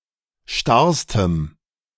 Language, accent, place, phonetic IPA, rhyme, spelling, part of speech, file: German, Germany, Berlin, [ˈʃtaʁstəm], -aʁstəm, starrstem, adjective, De-starrstem.ogg
- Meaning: strong dative masculine/neuter singular superlative degree of starr